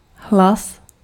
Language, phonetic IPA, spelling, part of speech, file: Czech, [ˈɦlas], hlas, noun, Cs-hlas.ogg
- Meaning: 1. voice (sound uttered by the mouth) 2. vote (formalized choice on matters of administration or other democratic activities)